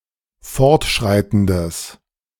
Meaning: strong/mixed nominative/accusative neuter singular of fortschreitend
- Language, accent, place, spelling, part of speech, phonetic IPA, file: German, Germany, Berlin, fortschreitendes, adjective, [ˈfɔʁtˌʃʁaɪ̯tn̩dəs], De-fortschreitendes.ogg